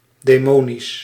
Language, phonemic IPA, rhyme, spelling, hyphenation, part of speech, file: Dutch, /ˌdeːˈmoː.nis/, -oːnis, demonisch, de‧mo‧nisch, adjective, Nl-demonisch.ogg
- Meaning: demonic